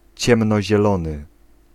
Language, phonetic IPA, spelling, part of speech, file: Polish, [ˌt͡ɕɛ̃mnɔʑɛˈlɔ̃nɨ], ciemnozielony, adjective, Pl-ciemnozielony.ogg